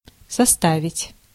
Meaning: 1. to constitute, to make up, to form 2. to amount to, to sum up to 3. to compose, to construct, to draw up, to prepare 4. to place objects on top of each other to form a stack
- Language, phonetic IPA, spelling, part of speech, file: Russian, [sɐˈstavʲɪtʲ], составить, verb, Ru-составить.ogg